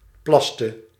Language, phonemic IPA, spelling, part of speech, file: Dutch, /ˈplɑstə/, plaste, verb, Nl-plaste.ogg
- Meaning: inflection of plassen: 1. singular past indicative 2. singular past subjunctive